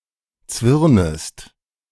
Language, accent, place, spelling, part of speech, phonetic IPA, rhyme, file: German, Germany, Berlin, zwirnest, verb, [ˈt͡svɪʁnəst], -ɪʁnəst, De-zwirnest.ogg
- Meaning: second-person singular subjunctive I of zwirnen